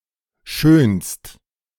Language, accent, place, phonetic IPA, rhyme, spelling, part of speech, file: German, Germany, Berlin, [ʃøːnst], -øːnst, schönst, verb, De-schönst.ogg
- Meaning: second-person singular present of schönen